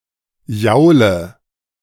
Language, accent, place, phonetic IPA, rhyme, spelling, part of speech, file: German, Germany, Berlin, [ˈjaʊ̯lə], -aʊ̯lə, jaule, verb, De-jaule.ogg
- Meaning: inflection of jaulen: 1. first-person singular present 2. first/third-person singular subjunctive I 3. singular imperative